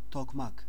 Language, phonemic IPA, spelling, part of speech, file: Turkish, /tɔkmɑk/, tokmak, noun, Tr-tokmak.ogg
- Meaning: 1. mallet 2. doorknocker (device attached to a door, the sound of which when a visitor pounds it to the door raises attention so somebody opens the door)